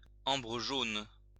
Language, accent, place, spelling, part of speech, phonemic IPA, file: French, France, Lyon, ambre jaune, noun, /ɑ̃.bʁə ʒon/, LL-Q150 (fra)-ambre jaune.wav
- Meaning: amber (fossil resin)